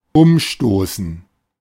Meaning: 1. to knock over, to knock down 2. to overthrow
- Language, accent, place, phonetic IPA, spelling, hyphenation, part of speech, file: German, Germany, Berlin, [ˈʊmˌʃtoːsn̩], umstoßen, um‧sto‧ßen, verb, De-umstoßen.ogg